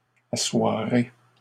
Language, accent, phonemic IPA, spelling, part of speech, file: French, Canada, /a.swa.ʁe/, assoirez, verb, LL-Q150 (fra)-assoirez.wav
- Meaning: second-person plural future of asseoir